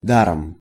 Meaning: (adverb) 1. gratis, for free, for nothing 2. in vain; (noun) instrumental singular of дар (dar)
- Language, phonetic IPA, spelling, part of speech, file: Russian, [ˈdarəm], даром, adverb / noun, Ru-даром.ogg